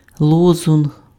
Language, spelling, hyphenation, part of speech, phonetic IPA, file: Ukrainian, лозунг, ло‧зунг, noun, [ˈɫɔzʊnɦ], Uk-лозунг.ogg
- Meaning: slogan, watchword